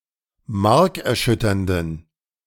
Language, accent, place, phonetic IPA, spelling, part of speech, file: German, Germany, Berlin, [ˈmaʁkɛɐ̯ˌʃʏtɐndn̩], markerschütternden, adjective, De-markerschütternden.ogg
- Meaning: inflection of markerschütternd: 1. strong genitive masculine/neuter singular 2. weak/mixed genitive/dative all-gender singular 3. strong/weak/mixed accusative masculine singular